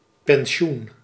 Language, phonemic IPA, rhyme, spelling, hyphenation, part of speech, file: Dutch, /pɛnˈʃun/, -un, pensioen, pen‧si‧oen, noun, Nl-pensioen.ogg
- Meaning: pension (annuity paid regularly as benefit due to a retired employee)